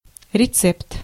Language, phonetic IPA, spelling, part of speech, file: Russian, [rʲɪˈt͡sɛpt], рецепт, noun, Ru-рецепт.ogg
- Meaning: 1. recipe 2. prescription